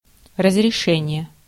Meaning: 1. permission, authorization, approval 2. solution 3. settlement 4. resolution (of a screen or picture)
- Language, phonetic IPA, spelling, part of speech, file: Russian, [rəzrʲɪˈʂɛnʲɪje], разрешение, noun, Ru-разрешение.ogg